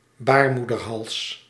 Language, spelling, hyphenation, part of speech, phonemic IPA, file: Dutch, baarmoederhals, baar‧moeder‧hals, noun, /ˈbaːr.mu.dərˌɦɑls/, Nl-baarmoederhals.ogg
- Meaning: cervix (between the uterus and the vagina)